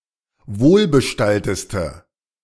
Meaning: inflection of wohlbestallt: 1. strong/mixed nominative/accusative feminine singular superlative degree 2. strong nominative/accusative plural superlative degree
- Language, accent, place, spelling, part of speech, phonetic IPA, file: German, Germany, Berlin, wohlbestallteste, adjective, [ˈvoːlbəˌʃtaltəstə], De-wohlbestallteste.ogg